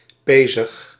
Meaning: 1. sinewy, having muscles with prominent sinews 2. wiry; strong, tough and lean
- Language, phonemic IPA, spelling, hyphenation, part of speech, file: Dutch, /ˈpeː.zəx/, pezig, pe‧zig, adjective, Nl-pezig.ogg